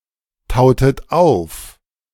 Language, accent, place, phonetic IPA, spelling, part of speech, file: German, Germany, Berlin, [ˌtaʊ̯tət ˈaʊ̯f], tautet auf, verb, De-tautet auf.ogg
- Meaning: inflection of auftauen: 1. second-person plural preterite 2. second-person plural subjunctive II